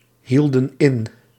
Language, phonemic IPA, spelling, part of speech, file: Dutch, /ˈhildə(n) ˈɪn/, hielden in, verb, Nl-hielden in.ogg
- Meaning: inflection of inhouden: 1. plural past indicative 2. plural past subjunctive